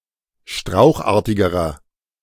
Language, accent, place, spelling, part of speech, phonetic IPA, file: German, Germany, Berlin, strauchartigerer, adjective, [ˈʃtʁaʊ̯xˌʔaːɐ̯tɪɡəʁɐ], De-strauchartigerer.ogg
- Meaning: inflection of strauchartig: 1. strong/mixed nominative masculine singular comparative degree 2. strong genitive/dative feminine singular comparative degree 3. strong genitive plural comparative degree